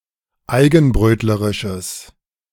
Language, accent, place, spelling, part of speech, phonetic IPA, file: German, Germany, Berlin, eigenbrötlerisches, adjective, [ˈaɪ̯ɡn̩ˌbʁøːtləʁɪʃəs], De-eigenbrötlerisches.ogg
- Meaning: strong/mixed nominative/accusative neuter singular of eigenbrötlerisch